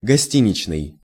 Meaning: hotel
- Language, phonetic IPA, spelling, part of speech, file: Russian, [ɡɐˈsʲtʲinʲɪt͡ɕnɨj], гостиничный, adjective, Ru-гостиничный.ogg